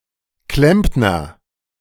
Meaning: plumber, tinsmith (male or of unspecified gender)
- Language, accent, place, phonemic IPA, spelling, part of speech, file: German, Germany, Berlin, /ˈklɛmpnɐ/, Klempner, noun, De-Klempner.ogg